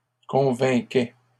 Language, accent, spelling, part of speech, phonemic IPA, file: French, Canada, convainquait, verb, /kɔ̃.vɛ̃.kɛ/, LL-Q150 (fra)-convainquait.wav
- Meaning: third-person singular imperfect indicative of convaincre